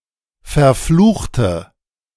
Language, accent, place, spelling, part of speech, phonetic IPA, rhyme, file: German, Germany, Berlin, verfluchte, adjective / verb, [fɛɐ̯ˈfluːxtə], -uːxtə, De-verfluchte.ogg
- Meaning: inflection of verfluchen: 1. first/third-person singular preterite 2. first/third-person singular subjunctive II